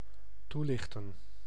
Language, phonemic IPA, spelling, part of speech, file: Dutch, /ˈtulɪxtə(n)/, toelichten, verb, Nl-toelichten.ogg
- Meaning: to shed light upon, explain